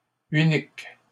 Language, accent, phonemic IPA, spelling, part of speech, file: French, Canada, /y.nik/, uniques, adjective, LL-Q150 (fra)-uniques.wav
- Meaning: plural of unique